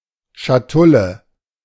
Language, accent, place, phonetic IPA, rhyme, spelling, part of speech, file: German, Germany, Berlin, [ʃaˈtʊlə], -ʊlə, Schatulle, noun, De-Schatulle.ogg
- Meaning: casket (little box e.g. for jewelry)